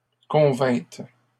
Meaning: second-person plural past historic of convenir
- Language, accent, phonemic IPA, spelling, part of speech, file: French, Canada, /kɔ̃.vɛ̃t/, convîntes, verb, LL-Q150 (fra)-convîntes.wav